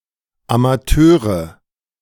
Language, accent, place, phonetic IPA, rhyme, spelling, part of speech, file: German, Germany, Berlin, [amaˈtøːʁə], -øːʁə, Amateure, noun, De-Amateure.ogg
- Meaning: nominative/accusative/genitive plural of Amateur